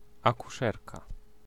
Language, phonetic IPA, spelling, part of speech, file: Polish, [ˌakuˈʃɛrka], akuszerka, noun, Pl-akuszerka.ogg